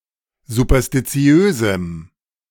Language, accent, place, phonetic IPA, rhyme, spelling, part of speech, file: German, Germany, Berlin, [zupɐstiˈt͡si̯øːzm̩], -øːzm̩, superstitiösem, adjective, De-superstitiösem.ogg
- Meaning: strong dative masculine/neuter singular of superstitiös